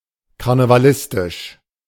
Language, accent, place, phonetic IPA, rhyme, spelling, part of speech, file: German, Germany, Berlin, [kaʁnəvaˈlɪstɪʃ], -ɪstɪʃ, karnevalistisch, adjective, De-karnevalistisch.ogg
- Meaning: carnivalistic